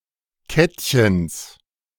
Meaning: genitive singular of Kettchen
- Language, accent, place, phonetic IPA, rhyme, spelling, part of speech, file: German, Germany, Berlin, [ˈkɛtçəns], -ɛtçəns, Kettchens, noun, De-Kettchens.ogg